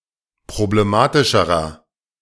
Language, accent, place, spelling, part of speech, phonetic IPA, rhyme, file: German, Germany, Berlin, problematischerer, adjective, [pʁobleˈmaːtɪʃəʁɐ], -aːtɪʃəʁɐ, De-problematischerer.ogg
- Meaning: inflection of problematisch: 1. strong/mixed nominative masculine singular comparative degree 2. strong genitive/dative feminine singular comparative degree